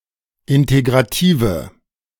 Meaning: inflection of integrativ: 1. strong/mixed nominative/accusative feminine singular 2. strong nominative/accusative plural 3. weak nominative all-gender singular
- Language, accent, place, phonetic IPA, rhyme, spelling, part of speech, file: German, Germany, Berlin, [ˌɪnteɡʁaˈtiːvə], -iːvə, integrative, adjective, De-integrative.ogg